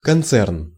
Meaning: concern (business group)
- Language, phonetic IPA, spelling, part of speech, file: Russian, [kɐnˈt͡sɛrn], концерн, noun, Ru-концерн.ogg